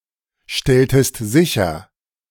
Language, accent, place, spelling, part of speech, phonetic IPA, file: German, Germany, Berlin, stelltest sicher, verb, [ˌʃtɛltəst ˈzɪçɐ], De-stelltest sicher.ogg
- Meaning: inflection of sicherstellen: 1. second-person singular preterite 2. second-person singular subjunctive II